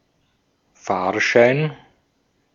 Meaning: ticket (pass for transportation)
- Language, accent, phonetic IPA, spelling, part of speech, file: German, Austria, [ˈfaːʃaɪn], Fahrschein, noun, De-at-Fahrschein.ogg